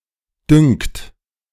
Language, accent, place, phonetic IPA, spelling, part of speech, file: German, Germany, Berlin, [dʏŋkt], dünkt, verb, De-dünkt.ogg
- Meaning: inflection of dünken: 1. second-person plural present 2. third-person singular present